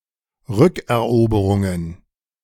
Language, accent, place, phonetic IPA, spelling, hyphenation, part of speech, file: German, Germany, Berlin, [ˈʁʏkɛɐ̯ˌʔoːbəʁʊŋən], Rückeroberungen, Rück‧er‧obe‧run‧gen, noun, De-Rückeroberungen.ogg
- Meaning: plural of Rückeroberung